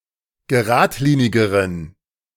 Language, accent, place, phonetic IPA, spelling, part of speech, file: German, Germany, Berlin, [ɡəˈʁaːtˌliːnɪɡəʁən], geradlinigeren, adjective, De-geradlinigeren.ogg
- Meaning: inflection of geradlinig: 1. strong genitive masculine/neuter singular comparative degree 2. weak/mixed genitive/dative all-gender singular comparative degree